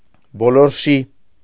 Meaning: round, circular
- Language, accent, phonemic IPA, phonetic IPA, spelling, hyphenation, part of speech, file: Armenian, Eastern Armenian, /boloɾˈʃi/, [boloɾʃí], բոլորշի, բո‧լոր‧շի, adjective, Hy-բոլորշի.ogg